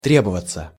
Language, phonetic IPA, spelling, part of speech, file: Russian, [ˈtrʲebəvət͡sə], требоваться, verb, Ru-требоваться.ogg
- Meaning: 1. to need, to require 2. to take (time, effort, money, etc. for something) 3. passive of тре́бовать (trébovatʹ)